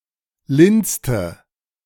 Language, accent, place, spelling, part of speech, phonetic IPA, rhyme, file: German, Germany, Berlin, linste, verb, [ˈlɪnstə], -ɪnstə, De-linste.ogg
- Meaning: inflection of linsen: 1. first/third-person singular preterite 2. first/third-person singular subjunctive II